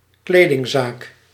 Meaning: clothes shop
- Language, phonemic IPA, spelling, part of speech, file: Dutch, /ˈkledɪŋˌzak/, kledingzaak, noun, Nl-kledingzaak.ogg